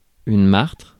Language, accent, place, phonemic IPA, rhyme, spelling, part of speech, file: French, France, Paris, /maʁtʁ/, -aʁtʁ, martre, noun, Fr-martre.ogg
- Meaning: marten (animal)